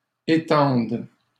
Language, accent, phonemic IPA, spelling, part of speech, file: French, Canada, /e.tɑ̃d/, étendes, verb, LL-Q150 (fra)-étendes.wav
- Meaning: second-person singular present subjunctive of étendre